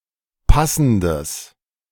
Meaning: strong/mixed nominative/accusative neuter singular of passend
- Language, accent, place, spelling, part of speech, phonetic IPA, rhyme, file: German, Germany, Berlin, passendes, adjective, [ˈpasn̩dəs], -asn̩dəs, De-passendes.ogg